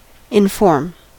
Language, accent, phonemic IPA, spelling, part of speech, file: English, US, /ɪnˈfɔɹm/, inform, verb / adjective, En-us-inform.ogg
- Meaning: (verb) 1. To instruct, train (usually in matters of knowledge) 2. To communicate knowledge to 3. To impart information or knowledge 4. To act as an informer; denounce